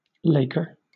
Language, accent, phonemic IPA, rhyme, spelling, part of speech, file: English, Southern England, /ˈleɪkə(ɹ)/, -eɪkə(ɹ), laker, noun, LL-Q1860 (eng)-laker.wav
- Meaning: 1. One engaged in sport; a player; an actor 2. A wharfman who resides near a lake 3. A ship used on the Great Lakes